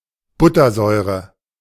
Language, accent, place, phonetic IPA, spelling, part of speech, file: German, Germany, Berlin, [ˈbʊtɐˌzɔɪ̯ʁə], Buttersäure, noun, De-Buttersäure.ogg
- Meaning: butyric acid